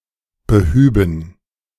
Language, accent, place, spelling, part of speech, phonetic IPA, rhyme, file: German, Germany, Berlin, behüben, verb, [bəˈhyːbn̩], -yːbn̩, De-behüben.ogg
- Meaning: first/third-person plural subjunctive II of beheben